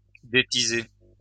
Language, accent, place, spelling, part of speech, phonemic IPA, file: French, France, Lyon, détiser, verb, /de.ti.ze/, LL-Q150 (fra)-détiser.wav
- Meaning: "to rake out (the fire); to still, to quell"